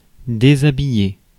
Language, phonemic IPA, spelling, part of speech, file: French, /de.za.bi.je/, déshabiller, verb, Fr-déshabiller.ogg
- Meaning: 1. to undress 2. to get undressed